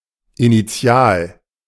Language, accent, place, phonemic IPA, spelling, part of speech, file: German, Germany, Berlin, /iniˈt͡sɪ̯aːl/, initial, adjective, De-initial.ogg
- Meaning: initial, incipient